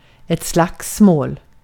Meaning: a physical fight, especially a fist fight
- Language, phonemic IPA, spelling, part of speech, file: Swedish, /ˈslaksmoːl/, slagsmål, noun, Sv-slagsmål.ogg